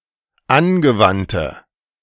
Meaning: inflection of angewandt: 1. strong/mixed nominative/accusative feminine singular 2. strong nominative/accusative plural 3. weak nominative all-gender singular
- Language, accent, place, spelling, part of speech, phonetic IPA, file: German, Germany, Berlin, angewandte, adjective, [ˈanɡəˌvantə], De-angewandte.ogg